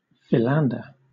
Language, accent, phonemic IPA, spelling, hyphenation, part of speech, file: English, Southern England, /fɪˈlændə/, philander, phi‧lan‧der, noun / verb, LL-Q1860 (eng)-philander.wav
- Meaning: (noun) 1. A lover 2. A South American opossum, bare-tailed woolly opossum, of species Caluromys philander (syn. Didelphis philander)